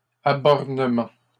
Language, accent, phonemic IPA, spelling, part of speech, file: French, Canada, /a.bɔʁ.nə.mɑ̃/, abornement, noun, LL-Q150 (fra)-abornement.wav
- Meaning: Determination of the precise limits of a piece of land or a border